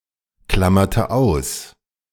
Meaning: inflection of ausklammern: 1. first/third-person singular preterite 2. first/third-person singular subjunctive II
- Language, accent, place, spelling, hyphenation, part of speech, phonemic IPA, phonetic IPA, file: German, Germany, Berlin, klammerte aus, klam‧mer‧te aus, verb, /klam.mertə ˈaʊ̯s/, [ˌklamɐtə ˈaʊ̯s], De-klammerte aus.ogg